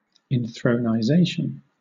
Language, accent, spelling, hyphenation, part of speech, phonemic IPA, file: English, Southern England, inthronization, in‧thron‧i‧za‧tion, noun, /inˌθɹəʊnaɪˈzeɪʃən/, LL-Q1860 (eng)-inthronization.wav
- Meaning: Synonym of enthronement